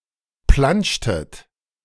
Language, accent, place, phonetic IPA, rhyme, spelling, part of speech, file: German, Germany, Berlin, [ˈplant͡ʃtət], -ant͡ʃtət, plantschtet, verb, De-plantschtet.ogg
- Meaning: inflection of plantschen: 1. second-person plural preterite 2. second-person plural subjunctive II